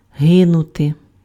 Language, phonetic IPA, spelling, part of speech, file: Ukrainian, [ˈɦɪnʊte], гинути, verb, Uk-гинути.ogg
- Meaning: to perish